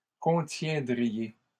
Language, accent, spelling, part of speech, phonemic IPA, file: French, Canada, contiendriez, verb, /kɔ̃.tjɛ̃.dʁi.je/, LL-Q150 (fra)-contiendriez.wav
- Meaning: second-person plural conditional of contenir